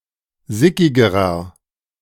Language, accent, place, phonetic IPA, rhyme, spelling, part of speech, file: German, Germany, Berlin, [ˈzɪkɪɡəʁɐ], -ɪkɪɡəʁɐ, sickigerer, adjective, De-sickigerer.ogg
- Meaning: inflection of sickig: 1. strong/mixed nominative masculine singular comparative degree 2. strong genitive/dative feminine singular comparative degree 3. strong genitive plural comparative degree